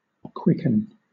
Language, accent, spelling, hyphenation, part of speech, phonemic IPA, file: English, Southern England, quicken, quick‧en, verb / noun, /ˈkwɪk(ə)n/, LL-Q1860 (eng)-quicken.wav
- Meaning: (verb) Senses relating to life or states of activity.: To put (someone or something) in a state of activity or vigour comparable to life; to excite, to rouse